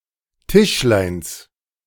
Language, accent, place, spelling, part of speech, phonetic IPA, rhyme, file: German, Germany, Berlin, Tischleins, noun, [ˈtɪʃlaɪ̯ns], -ɪʃlaɪ̯ns, De-Tischleins.ogg
- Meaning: genitive of Tischlein